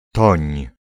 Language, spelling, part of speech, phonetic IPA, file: Polish, toń, noun / verb, [tɔ̃ɲ], Pl-toń.ogg